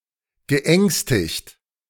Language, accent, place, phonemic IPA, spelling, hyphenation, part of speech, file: German, Germany, Berlin, /ˌɡəˈʔɛŋstɪkt/, geängstigt, ge‧ängs‧tigt, verb, De-geängstigt.ogg
- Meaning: past participle of ängstigen